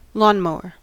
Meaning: 1. A device used for cutting grass to a chosen height, typically of landscaped lawns of residences or institutions 2. A person who landscapes and in particular mows lawns
- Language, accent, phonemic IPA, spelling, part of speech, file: English, US, /ˈlɔn.moʊ.ɚ/, lawnmower, noun, En-us-lawnmower.ogg